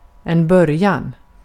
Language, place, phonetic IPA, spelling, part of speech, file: Swedish, Gotland, [²bœ̞rːˌjan], början, noun, Sv-början.ogg
- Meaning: beginning, start